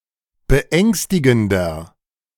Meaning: 1. comparative degree of beängstigend 2. inflection of beängstigend: strong/mixed nominative masculine singular 3. inflection of beängstigend: strong genitive/dative feminine singular
- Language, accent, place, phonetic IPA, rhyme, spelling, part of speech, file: German, Germany, Berlin, [bəˈʔɛŋstɪɡn̩dɐ], -ɛŋstɪɡn̩dɐ, beängstigender, adjective, De-beängstigender.ogg